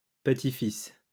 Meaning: plural of petit-fils
- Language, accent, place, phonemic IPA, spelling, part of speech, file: French, France, Lyon, /pə.ti.fis/, petits-fils, noun, LL-Q150 (fra)-petits-fils.wav